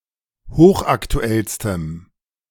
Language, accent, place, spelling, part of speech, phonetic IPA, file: German, Germany, Berlin, hochaktuellstem, adjective, [ˈhoːxʔaktuˌɛlstəm], De-hochaktuellstem.ogg
- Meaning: strong dative masculine/neuter singular superlative degree of hochaktuell